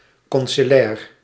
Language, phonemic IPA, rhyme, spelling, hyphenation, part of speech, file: Dutch, /ˌkɔn.si.liˈɛːr/, -ɛːr, conciliair, con‧ci‧li‧air, adjective, Nl-conciliair.ogg
- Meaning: conciliar, pertaining to a church council